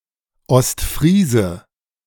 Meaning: 1. East Frisian, person from East Frisia 2. a breed of horse
- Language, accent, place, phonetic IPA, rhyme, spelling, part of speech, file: German, Germany, Berlin, [ɔstˈfʁiːzə], -iːzə, Ostfriese, noun, De-Ostfriese.ogg